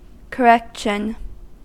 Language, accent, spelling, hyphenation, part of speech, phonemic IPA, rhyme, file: English, US, correction, cor‧rec‧tion, noun, /kəˈɹɛkʃən/, -ɛkʃən, En-us-correction.ogg
- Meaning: 1. The act of correcting 2. A substitution for an error or mistake 3. Punishment that is intended to rehabilitate an offender 4. An amount or quantity of something added or subtracted so as to correct